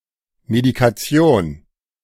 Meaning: medication (all the medicines regularly taken by a patient)
- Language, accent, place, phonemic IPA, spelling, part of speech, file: German, Germany, Berlin, /medikaˈtsi̯oːn/, Medikation, noun, De-Medikation.ogg